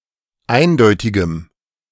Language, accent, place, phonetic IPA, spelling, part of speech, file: German, Germany, Berlin, [ˈaɪ̯nˌdɔɪ̯tɪɡəm], eindeutigem, adjective, De-eindeutigem.ogg
- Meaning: strong dative masculine/neuter singular of eindeutig